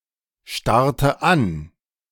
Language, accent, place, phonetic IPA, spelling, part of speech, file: German, Germany, Berlin, [ˌʃtaʁtə ˈan], starrte an, verb, De-starrte an.ogg
- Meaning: first/third-person singular preterite of anstarren